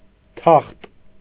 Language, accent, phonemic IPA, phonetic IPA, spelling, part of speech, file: Armenian, Eastern Armenian, /tʰɑχt/, [tʰɑχt], թախտ, noun, Hy-թախտ.ogg
- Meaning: 1. throne 2. plank-bed 3. ottoman, sofa, couch (without back or arms)